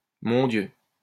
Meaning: my God!
- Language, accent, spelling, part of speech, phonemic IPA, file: French, France, mon Dieu, interjection, /mɔ̃ djø/, LL-Q150 (fra)-mon Dieu.wav